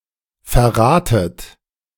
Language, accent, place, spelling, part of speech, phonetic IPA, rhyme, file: German, Germany, Berlin, verratet, verb, [fɛɐ̯ˈʁaːtət], -aːtət, De-verratet.ogg
- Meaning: inflection of verraten: 1. second-person plural present 2. second-person plural subjunctive I 3. plural imperative